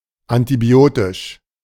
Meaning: antibiotic
- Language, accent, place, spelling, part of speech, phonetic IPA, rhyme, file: German, Germany, Berlin, antibiotisch, adjective, [antiˈbi̯oːtɪʃ], -oːtɪʃ, De-antibiotisch.ogg